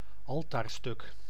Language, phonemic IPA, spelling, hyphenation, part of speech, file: Dutch, /ˈɑl.taːrˌstʏk/, altaarstuk, al‧taar‧stuk, noun, Nl-altaarstuk.ogg
- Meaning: altarpiece